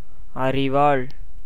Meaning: 1. sickle, garden knife 2. bill-hook
- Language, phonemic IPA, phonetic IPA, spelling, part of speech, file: Tamil, /ɐɾɪʋɑːɭ/, [ɐɾɪʋäːɭ], அரிவாள், noun, Ta-அரிவாள்.ogg